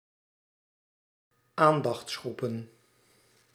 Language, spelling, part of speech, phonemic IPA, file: Dutch, aandachtsgroepen, noun, /ˈandɑx(t)sˌxrupə(n)/, Nl-aandachtsgroepen.ogg
- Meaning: plural of aandachtsgroep